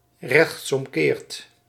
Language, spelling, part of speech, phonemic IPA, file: Dutch, rechtsomkeert, adverb, /ˌrɛx(t)sɔmˈkert/, Nl-rechtsomkeert.ogg
- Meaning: only used in rechtsomkeert maken